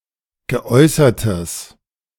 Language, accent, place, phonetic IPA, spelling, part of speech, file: German, Germany, Berlin, [ɡəˈʔɔɪ̯sɐtəs], geäußertes, adjective, De-geäußertes.ogg
- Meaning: strong/mixed nominative/accusative neuter singular of geäußert